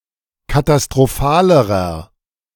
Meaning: inflection of katastrophal: 1. strong/mixed nominative masculine singular comparative degree 2. strong genitive/dative feminine singular comparative degree 3. strong genitive plural comparative degree
- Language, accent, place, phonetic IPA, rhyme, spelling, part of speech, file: German, Germany, Berlin, [katastʁoˈfaːləʁɐ], -aːləʁɐ, katastrophalerer, adjective, De-katastrophalerer.ogg